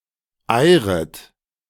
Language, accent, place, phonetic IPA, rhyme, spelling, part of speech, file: German, Germany, Berlin, [ˈaɪ̯ʁət], -aɪ̯ʁət, eiret, verb, De-eiret.ogg
- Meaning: second-person plural subjunctive I of eiern